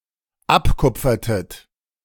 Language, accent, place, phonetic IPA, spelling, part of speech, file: German, Germany, Berlin, [ˈapˌkʊp͡fɐtət], abkupfertet, verb, De-abkupfertet.ogg
- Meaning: inflection of abkupfern: 1. second-person plural dependent preterite 2. second-person plural dependent subjunctive II